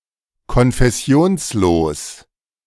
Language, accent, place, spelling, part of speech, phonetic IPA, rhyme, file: German, Germany, Berlin, konfessionslos, adjective, [kɔnfɛˈsi̯oːnsˌloːs], -oːnsloːs, De-konfessionslos.ogg
- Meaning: nondenominational